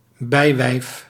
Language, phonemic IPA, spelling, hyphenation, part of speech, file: Dutch, /ˈbɛi̯.ʋɛi̯f/, bijwijf, bij‧wijf, noun, Nl-bijwijf.ogg
- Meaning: concubine